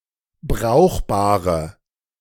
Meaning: inflection of brauchbar: 1. strong/mixed nominative/accusative feminine singular 2. strong nominative/accusative plural 3. weak nominative all-gender singular
- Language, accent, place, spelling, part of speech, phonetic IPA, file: German, Germany, Berlin, brauchbare, adjective, [ˈbʁaʊ̯xbaːʁə], De-brauchbare.ogg